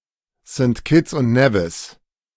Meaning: Saint Kitts and Nevis (a country comprising the islands of Saint Kitts and Nevis in the Caribbean)
- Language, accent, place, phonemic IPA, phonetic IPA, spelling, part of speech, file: German, Germany, Berlin, /sənt ˌkɪts ʊnt ˈnɛvɪs/, [sənt ˌkʰɪts ʔʊntⁿ ˈnɛvɪs], St. Kitts und Nevis, proper noun, De-St. Kitts und Nevis.ogg